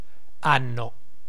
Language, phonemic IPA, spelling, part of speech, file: Italian, /ˈanno/, anno, noun, It-anno.ogg